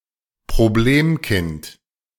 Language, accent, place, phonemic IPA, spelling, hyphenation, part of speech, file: German, Germany, Berlin, /pʁoˈbleːmˌkɪnt/, Problemkind, Prob‧lem‧kind, noun, De-Problemkind.ogg
- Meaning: problem child